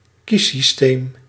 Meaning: voting system, electoral system
- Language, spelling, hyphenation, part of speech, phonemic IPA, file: Dutch, kiessysteem, kies‧sys‧teem, noun, /ˈki.sisˌteːm/, Nl-kiessysteem.ogg